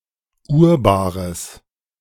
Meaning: genitive of Urbar
- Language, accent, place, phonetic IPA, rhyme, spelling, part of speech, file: German, Germany, Berlin, [ʊʁˈbaːʁəs], -aːʁəs, Urbares, noun, De-Urbares.ogg